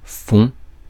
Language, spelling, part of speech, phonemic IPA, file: French, fonds, noun / verb, /fɔ̃/, Fr-fonds.ogg
- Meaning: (noun) 1. plural of fond 2. fund, funds 3. resources 4. field; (verb) inflection of fondre: 1. first/second-person singular present indicative 2. second-person singular imperative